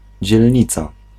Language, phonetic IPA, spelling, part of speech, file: Polish, [d͡ʑɛlʲˈɲit͡sa], dzielnica, noun, Pl-dzielnica.ogg